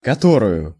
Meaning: accusative feminine singular of кото́рый (kotóryj)
- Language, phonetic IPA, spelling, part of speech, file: Russian, [kɐˈtorʊjʊ], которую, pronoun, Ru-которую.ogg